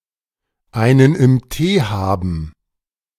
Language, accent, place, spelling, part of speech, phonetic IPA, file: German, Germany, Berlin, einen im Tee haben, phrase, [aɪ̯nən ɪm ˈteː ˈhaːbn̩], De-einen im Tee haben.ogg
- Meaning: to be tipsy